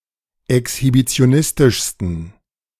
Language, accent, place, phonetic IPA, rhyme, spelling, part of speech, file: German, Germany, Berlin, [ɛkshibit͡si̯oˈnɪstɪʃstn̩], -ɪstɪʃstn̩, exhibitionistischsten, adjective, De-exhibitionistischsten.ogg
- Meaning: 1. superlative degree of exhibitionistisch 2. inflection of exhibitionistisch: strong genitive masculine/neuter singular superlative degree